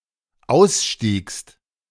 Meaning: second-person singular dependent preterite of aussteigen
- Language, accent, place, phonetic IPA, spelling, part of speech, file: German, Germany, Berlin, [ˈaʊ̯sˌʃtiːkst], ausstiegst, verb, De-ausstiegst.ogg